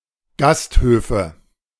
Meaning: nominative/accusative/genitive plural of Gasthof
- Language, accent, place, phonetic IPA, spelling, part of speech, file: German, Germany, Berlin, [ˈɡastˌhøːfə], Gasthöfe, noun, De-Gasthöfe.ogg